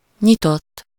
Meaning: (verb) 1. third-person singular indicative past indefinite of nyit 2. past participle of nyit; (adjective) open
- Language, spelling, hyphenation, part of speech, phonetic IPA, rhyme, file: Hungarian, nyitott, nyi‧tott, verb / adjective, [ˈɲitotː], -otː, Hu-nyitott.ogg